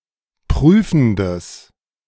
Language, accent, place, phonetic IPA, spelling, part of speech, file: German, Germany, Berlin, [ˈpʁyːfn̩dəs], prüfendes, adjective, De-prüfendes.ogg
- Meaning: strong/mixed nominative/accusative neuter singular of prüfend